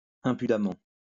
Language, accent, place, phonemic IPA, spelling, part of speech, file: French, France, Lyon, /ɛ̃.py.da.mɑ̃/, impudemment, adverb, LL-Q150 (fra)-impudemment.wav
- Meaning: with impudence, impudently, shamelessly